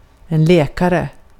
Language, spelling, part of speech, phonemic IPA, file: Swedish, läkare, noun, /²lɛːkarɛ/, Sv-läkare.ogg
- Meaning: doctor, physician